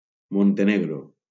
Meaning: Montenegro (a country on the Balkan Peninsula in Southeastern Europe)
- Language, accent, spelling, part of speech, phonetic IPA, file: Catalan, Valencia, Montenegro, proper noun, [mon.teˈne.ɣɾo], LL-Q7026 (cat)-Montenegro.wav